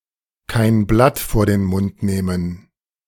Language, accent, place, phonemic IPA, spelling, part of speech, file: German, Germany, Berlin, /kaɪ̯n ˈblat foːɐ̯ den ˈmʊnt ˈneːmən/, kein Blatt vor den Mund nehmen, verb, De-kein Blatt vor den Mund nehmen.ogg
- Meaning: to be outspoken; not to mince words; to call a spade a spade